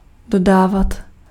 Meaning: imperfective form of dodat
- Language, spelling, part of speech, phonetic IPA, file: Czech, dodávat, verb, [ˈdodaːvat], Cs-dodávat.ogg